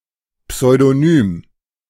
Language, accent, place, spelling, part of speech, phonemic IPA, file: German, Germany, Berlin, Pseudonym, noun, /psɔɪ̯dɔˈnyːm/, De-Pseudonym.ogg
- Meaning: pseudonym